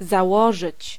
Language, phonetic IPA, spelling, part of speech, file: Polish, [zaˈwɔʒɨt͡ɕ], założyć, verb, Pl-założyć.ogg